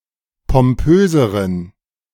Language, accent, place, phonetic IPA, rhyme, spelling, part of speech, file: German, Germany, Berlin, [pɔmˈpøːzəʁən], -øːzəʁən, pompöseren, adjective, De-pompöseren.ogg
- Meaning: inflection of pompös: 1. strong genitive masculine/neuter singular comparative degree 2. weak/mixed genitive/dative all-gender singular comparative degree